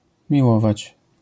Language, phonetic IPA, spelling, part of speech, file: Polish, [mʲiˈwɔvat͡ɕ], miłować, verb, LL-Q809 (pol)-miłować.wav